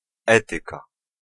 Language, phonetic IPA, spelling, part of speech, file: Polish, [ˈɛtɨka], etyka, noun, Pl-etyka.ogg